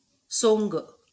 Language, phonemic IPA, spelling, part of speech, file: Marathi, /soŋ.ɡə/, सोंग, noun, LL-Q1571 (mar)-सोंग.wav
- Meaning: 1. impersonation, pretence 2. form, appearance 3. a person of ridiculous appearance